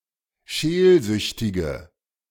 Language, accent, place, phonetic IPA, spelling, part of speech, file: German, Germany, Berlin, [ˈʃeːlˌzʏçtɪɡə], scheelsüchtige, adjective, De-scheelsüchtige.ogg
- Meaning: inflection of scheelsüchtig: 1. strong/mixed nominative/accusative feminine singular 2. strong nominative/accusative plural 3. weak nominative all-gender singular